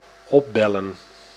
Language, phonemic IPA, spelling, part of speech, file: Dutch, /ˈɔˌbɛlə(n)/, opbellen, verb, Nl-opbellen.ogg
- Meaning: to call (up) (to contact by telephone)